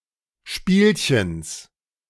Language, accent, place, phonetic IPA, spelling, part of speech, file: German, Germany, Berlin, [ˈʃpiːlçəns], Spielchens, noun, De-Spielchens.ogg
- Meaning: genitive of Spielchen